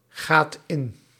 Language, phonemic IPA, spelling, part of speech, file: Dutch, /ˈɣat ˈɪn/, gaat in, verb, Nl-gaat in.ogg
- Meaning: inflection of ingaan: 1. second/third-person singular present indicative 2. plural imperative